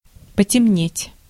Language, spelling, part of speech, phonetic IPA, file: Russian, потемнеть, verb, [pətʲɪˈmnʲetʲ], Ru-потемнеть.ogg
- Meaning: to darken, to become dark